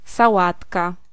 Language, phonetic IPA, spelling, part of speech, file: Polish, [saˈwatka], sałatka, noun, Pl-sałatka.ogg